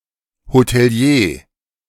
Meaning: hotelier
- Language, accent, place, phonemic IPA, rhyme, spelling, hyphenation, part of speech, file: German, Germany, Berlin, /hotɛˈli̯eː/, -eː, Hotelier, Ho‧te‧li‧er, noun, De-Hotelier.ogg